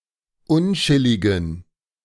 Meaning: inflection of unchillig: 1. strong genitive masculine/neuter singular 2. weak/mixed genitive/dative all-gender singular 3. strong/weak/mixed accusative masculine singular 4. strong dative plural
- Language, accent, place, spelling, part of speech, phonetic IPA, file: German, Germany, Berlin, unchilligen, adjective, [ˈʊnˌt͡ʃɪlɪɡn̩], De-unchilligen.ogg